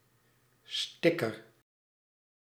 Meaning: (noun) sticker (adhesive decal); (verb) inflection of stickeren: 1. first-person singular present indicative 2. second-person singular present indicative 3. imperative
- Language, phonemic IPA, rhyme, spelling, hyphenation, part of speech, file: Dutch, /ˈstɪ.kər/, -ɪkər, sticker, stic‧ker, noun / verb, Nl-sticker.ogg